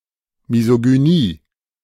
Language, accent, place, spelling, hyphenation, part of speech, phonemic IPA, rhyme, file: German, Germany, Berlin, Misogynie, Mi‧so‧gy‧nie, noun, /ˌmi.zo.ɡyˈniː/, -iː, De-Misogynie.ogg
- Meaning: misogyny